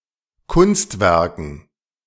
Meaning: dative plural of Kunstwerk
- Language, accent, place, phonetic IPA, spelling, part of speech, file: German, Germany, Berlin, [ˈkʊnstˌvɛʁkn̩], Kunstwerken, noun, De-Kunstwerken.ogg